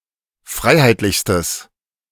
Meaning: strong/mixed nominative/accusative neuter singular superlative degree of freiheitlich
- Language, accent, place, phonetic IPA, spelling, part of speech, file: German, Germany, Berlin, [ˈfʁaɪ̯haɪ̯tlɪçstəs], freiheitlichstes, adjective, De-freiheitlichstes.ogg